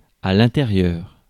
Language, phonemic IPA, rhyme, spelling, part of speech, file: French, /ɛ̃.te.ʁjœʁ/, -jœʁ, intérieur, adjective / noun, Fr-intérieur.ogg
- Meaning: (adjective) interior; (noun) interior, inside